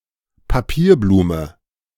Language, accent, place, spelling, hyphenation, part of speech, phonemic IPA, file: German, Germany, Berlin, Papierblume, Pa‧pier‧blu‧me, noun, /paˈpiːɐ̯ˌbluːmə/, De-Papierblume.ogg
- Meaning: paper flower